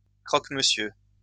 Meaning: croque-monsieur
- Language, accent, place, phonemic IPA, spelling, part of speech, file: French, France, Lyon, /kʁɔk.mə.sjø/, croque-monsieur, noun, LL-Q150 (fra)-croque-monsieur.wav